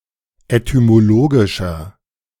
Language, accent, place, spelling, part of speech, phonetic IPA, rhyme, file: German, Germany, Berlin, etymologischer, adjective, [etymoˈloːɡɪʃɐ], -oːɡɪʃɐ, De-etymologischer.ogg
- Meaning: inflection of etymologisch: 1. strong/mixed nominative masculine singular 2. strong genitive/dative feminine singular 3. strong genitive plural